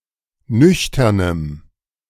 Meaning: strong dative masculine/neuter singular of nüchtern
- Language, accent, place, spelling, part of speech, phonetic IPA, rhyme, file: German, Germany, Berlin, nüchternem, adjective, [ˈnʏçtɐnəm], -ʏçtɐnəm, De-nüchternem.ogg